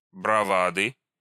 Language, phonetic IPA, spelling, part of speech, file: Russian, [brɐˈvadɨ], бравады, noun, Ru-бравады.ogg
- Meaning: inflection of брава́да (braváda): 1. genitive singular 2. nominative/accusative plural